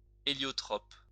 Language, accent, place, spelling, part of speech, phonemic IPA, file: French, France, Lyon, héliotrope, noun, /e.ljɔ.tʁɔp/, LL-Q150 (fra)-héliotrope.wav
- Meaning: heliotrope (all senses)